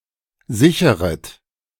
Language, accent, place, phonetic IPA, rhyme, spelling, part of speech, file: German, Germany, Berlin, [ˈzɪçəʁət], -ɪçəʁət, sicheret, verb, De-sicheret.ogg
- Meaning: second-person plural subjunctive I of sichern